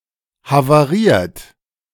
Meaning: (verb) past participle of havarieren; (adjective) damaged by an accident
- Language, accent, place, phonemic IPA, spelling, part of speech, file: German, Germany, Berlin, /havaˈʁiːɐ̯t/, havariert, verb / adjective, De-havariert.ogg